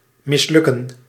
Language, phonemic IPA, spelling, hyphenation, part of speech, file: Dutch, /ˌmɪsˈlʏ.kə(n)/, mislukken, mis‧luk‧ken, verb, Nl-mislukken.ogg
- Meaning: to fail